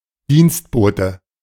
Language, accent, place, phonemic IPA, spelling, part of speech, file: German, Germany, Berlin, /ˈdiːns(t)ˌboːtə/, Dienstbote, noun, De-Dienstbote.ogg
- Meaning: 1. house servant; domestic (male or of unspecified sex) 2. servant; someone who does unpleasant works for another